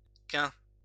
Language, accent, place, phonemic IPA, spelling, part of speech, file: French, France, Lyon, /kɛ̃/, quint, adjective / noun, LL-Q150 (fra)-quint.wav
- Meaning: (adjective) 1. fifth, seldom used outside of titles 2. occurring at an interval of five days; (noun) a fifth